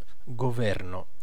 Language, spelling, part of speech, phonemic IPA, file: Italian, governo, noun / verb, /ɡoˈvɛrno/, It-governo.ogg